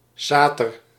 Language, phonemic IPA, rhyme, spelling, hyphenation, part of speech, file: Dutch, /ˈsaː.tər/, -aːtər, sater, sa‧ter, noun, Nl-sater.ogg
- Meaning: alternative spelling of satyr